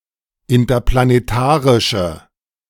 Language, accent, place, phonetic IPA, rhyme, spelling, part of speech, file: German, Germany, Berlin, [ɪntɐplaneˈtaːʁɪʃə], -aːʁɪʃə, interplanetarische, adjective, De-interplanetarische.ogg
- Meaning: inflection of interplanetarisch: 1. strong/mixed nominative/accusative feminine singular 2. strong nominative/accusative plural 3. weak nominative all-gender singular